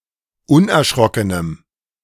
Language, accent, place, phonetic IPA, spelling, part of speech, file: German, Germany, Berlin, [ˈʊnʔɛɐ̯ˌʃʁɔkənəm], unerschrockenem, adjective, De-unerschrockenem.ogg
- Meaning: strong dative masculine/neuter singular of unerschrocken